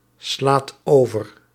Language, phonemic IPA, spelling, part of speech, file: Dutch, /ˈslat ˈovər/, slaat over, verb, Nl-slaat over.ogg
- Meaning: inflection of overslaan: 1. second/third-person singular present indicative 2. plural imperative